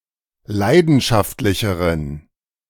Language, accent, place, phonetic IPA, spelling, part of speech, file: German, Germany, Berlin, [ˈlaɪ̯dn̩ʃaftlɪçəʁən], leidenschaftlicheren, adjective, De-leidenschaftlicheren.ogg
- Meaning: inflection of leidenschaftlich: 1. strong genitive masculine/neuter singular comparative degree 2. weak/mixed genitive/dative all-gender singular comparative degree